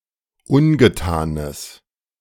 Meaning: strong/mixed nominative/accusative neuter singular of ungetan
- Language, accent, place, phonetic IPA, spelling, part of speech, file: German, Germany, Berlin, [ˈʊnɡəˌtaːnəs], ungetanes, adjective, De-ungetanes.ogg